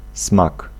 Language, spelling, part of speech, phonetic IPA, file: Polish, smak, noun, [smak], Pl-smak.ogg